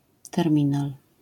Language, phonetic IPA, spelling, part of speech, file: Polish, [tɛrˈmʲĩnal], terminal, noun, LL-Q809 (pol)-terminal.wav